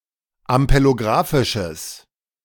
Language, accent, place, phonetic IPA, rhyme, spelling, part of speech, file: German, Germany, Berlin, [ampeloˈɡʁaːfɪʃəs], -aːfɪʃəs, ampelografisches, adjective, De-ampelografisches.ogg
- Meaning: strong/mixed nominative/accusative neuter singular of ampelografisch